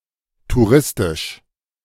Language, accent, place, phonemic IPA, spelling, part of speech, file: German, Germany, Berlin, /tuˈʁɪstɪʃ/, touristisch, adjective, De-touristisch.ogg
- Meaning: touristic